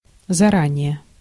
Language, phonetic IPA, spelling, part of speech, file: Russian, [zɐˈranʲɪje], заранее, adverb, Ru-заранее.ogg
- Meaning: beforehand, in advance, in good time